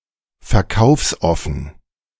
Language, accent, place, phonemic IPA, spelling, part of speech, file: German, Germany, Berlin, /fɛɐ̯ˈkaʊ̯fsˌʔɔfn̩/, verkaufsoffen, adjective, De-verkaufsoffen.ogg
- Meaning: open for shopping